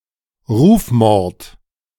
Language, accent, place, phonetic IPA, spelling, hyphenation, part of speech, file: German, Germany, Berlin, [ˈʁuːfˌmɔʁt], Rufmord, Ruf‧mord, noun, De-Rufmord.ogg
- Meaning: calumny, character assassination